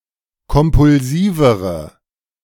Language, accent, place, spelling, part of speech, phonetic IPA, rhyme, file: German, Germany, Berlin, kompulsivere, adjective, [kɔmpʊlˈziːvəʁə], -iːvəʁə, De-kompulsivere.ogg
- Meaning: inflection of kompulsiv: 1. strong/mixed nominative/accusative feminine singular comparative degree 2. strong nominative/accusative plural comparative degree